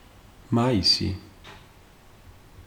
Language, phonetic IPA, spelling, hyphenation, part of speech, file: Georgian, [mäisi], მაისი, მა‧ი‧სი, noun, Ka-მაისი.ogg
- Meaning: May